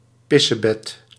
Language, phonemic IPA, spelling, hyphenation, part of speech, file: Dutch, /ˈpɪ.səˌbɛt/, pissebed, pis‧se‧bed, noun, Nl-pissebed.ogg
- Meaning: 1. isopod, pill bug, woodlouse: any member of the Isopoda 2. someone who urinates in bed; a bedwetter 3. synonym of paardenbloem (“dandelion”)